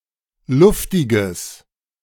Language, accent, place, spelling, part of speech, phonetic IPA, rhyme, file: German, Germany, Berlin, luftiges, adjective, [ˈlʊftɪɡəs], -ʊftɪɡəs, De-luftiges.ogg
- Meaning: strong/mixed nominative/accusative neuter singular of luftig